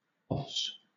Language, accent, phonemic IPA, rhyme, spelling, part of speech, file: English, Southern England, /ɒs/, -ɒs, os, noun, LL-Q1860 (eng)-os.wav
- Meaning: 1. Synonym of bone 2. An opening or entrance to a passage, particularly one at either end of the cervix, internal (to the uterus) or external (to the vagina) 3. An osar or esker